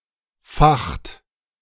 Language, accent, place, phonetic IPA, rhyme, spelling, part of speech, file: German, Germany, Berlin, [faxt], -axt, facht, verb, De-facht.ogg
- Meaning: inflection of fachen: 1. second-person plural present 2. third-person singular present 3. plural imperative